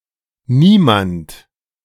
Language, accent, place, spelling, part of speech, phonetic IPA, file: German, Germany, Berlin, Niemand, noun / proper noun, [ˈniːmant], De-Niemand.ogg
- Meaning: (noun) nobody (unimportant person); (pronoun) alternative form of niemand